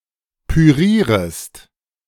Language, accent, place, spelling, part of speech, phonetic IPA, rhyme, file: German, Germany, Berlin, pürierest, verb, [pyˈʁiːʁəst], -iːʁəst, De-pürierest.ogg
- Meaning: second-person singular subjunctive I of pürieren